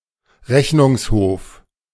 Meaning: 1. court of audit 2. ellipsis of Bundesrechnungshof
- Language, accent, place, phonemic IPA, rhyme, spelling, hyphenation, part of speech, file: German, Germany, Berlin, /ˈʁɛçnʊŋsˌhoːf/, -oːf, Rechnungshof, Rech‧nungs‧hof, noun, De-Rechnungshof.ogg